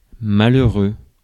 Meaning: 1. unhappy, miserable; poor 2. insignificant, trifling
- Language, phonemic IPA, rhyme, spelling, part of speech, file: French, /ma.lœ.ʁø/, -ø, malheureux, adjective, Fr-malheureux.ogg